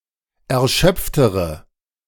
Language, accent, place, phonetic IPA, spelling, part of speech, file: German, Germany, Berlin, [ɛɐ̯ˈʃœp͡ftəʁə], erschöpftere, adjective, De-erschöpftere.ogg
- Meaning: inflection of erschöpft: 1. strong/mixed nominative/accusative feminine singular comparative degree 2. strong nominative/accusative plural comparative degree